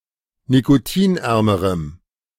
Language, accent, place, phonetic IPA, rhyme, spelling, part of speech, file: German, Germany, Berlin, [nikoˈtiːnˌʔɛʁməʁəm], -iːnʔɛʁməʁəm, nikotinärmerem, adjective, De-nikotinärmerem.ogg
- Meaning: strong dative masculine/neuter singular comparative degree of nikotinarm